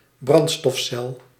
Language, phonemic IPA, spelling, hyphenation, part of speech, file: Dutch, /ˈbrɑn(t).stɔfˌsɛl/, brandstofcel, brand‧stof‧cel, noun, Nl-brandstofcel.ogg
- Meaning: fuel cell